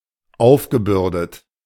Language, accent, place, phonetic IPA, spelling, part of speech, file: German, Germany, Berlin, [ˈaʊ̯fɡəˌbʏʁdət], aufgebürdet, verb, De-aufgebürdet.ogg
- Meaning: past participle of aufbürden